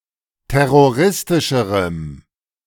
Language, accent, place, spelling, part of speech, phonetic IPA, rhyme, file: German, Germany, Berlin, terroristischerem, adjective, [ˌtɛʁoˈʁɪstɪʃəʁəm], -ɪstɪʃəʁəm, De-terroristischerem.ogg
- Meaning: strong dative masculine/neuter singular comparative degree of terroristisch